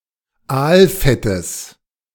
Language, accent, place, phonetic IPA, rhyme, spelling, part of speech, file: German, Germany, Berlin, [ˈaːlˌfɛtəs], -aːlfɛtəs, Aalfettes, noun, De-Aalfettes.ogg
- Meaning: genitive singular of Aalfett